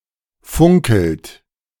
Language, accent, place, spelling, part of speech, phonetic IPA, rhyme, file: German, Germany, Berlin, funkelt, verb, [ˈfʊŋkl̩t], -ʊŋkl̩t, De-funkelt.ogg
- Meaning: inflection of funkeln: 1. third-person singular present 2. second-person plural present 3. plural imperative